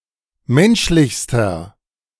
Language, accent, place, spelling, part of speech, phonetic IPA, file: German, Germany, Berlin, menschlichster, adjective, [ˈmɛnʃlɪçstɐ], De-menschlichster.ogg
- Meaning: inflection of menschlich: 1. strong/mixed nominative masculine singular superlative degree 2. strong genitive/dative feminine singular superlative degree 3. strong genitive plural superlative degree